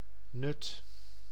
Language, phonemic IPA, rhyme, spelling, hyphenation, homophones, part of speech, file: Dutch, /nʏt/, -ʏt, Nuth, Nuth, nut, proper noun, Nl-Nuth.ogg
- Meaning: a village and former municipality of Beekdaelen, Limburg, Netherlands